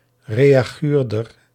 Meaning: someone who makes hateful and anonymous online comments, similar to a comment troll
- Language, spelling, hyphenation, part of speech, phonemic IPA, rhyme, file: Dutch, reaguurder, re‧a‧guur‧der, noun, /reːaːˈɣyːrdər/, -yːrdər, Nl-reaguurder.ogg